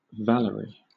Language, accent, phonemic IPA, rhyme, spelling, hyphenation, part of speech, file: English, Southern England, /ˈvæləɹi/, -æləɹi, Valerie, Val‧er‧ie, proper noun / noun, LL-Q1860 (eng)-Valerie.wav
- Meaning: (proper noun) A female given name from French [in turn from Latin]; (noun) The psychotropic drug 1V-LSD